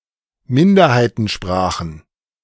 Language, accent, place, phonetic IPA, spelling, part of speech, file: German, Germany, Berlin, [ˈmɪndɐhaɪ̯tn̩ˌʃpʁaːxn̩], Minderheitensprachen, noun, De-Minderheitensprachen.ogg
- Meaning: plural of Minderheitensprache